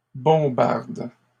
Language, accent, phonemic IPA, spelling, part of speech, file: French, Canada, /bɔ̃.baʁd/, bombardes, verb, LL-Q150 (fra)-bombardes.wav
- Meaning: second-person singular present indicative/subjunctive of bombarder